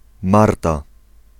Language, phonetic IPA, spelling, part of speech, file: Polish, [ˈmarta], Marta, proper noun, Pl-Marta.ogg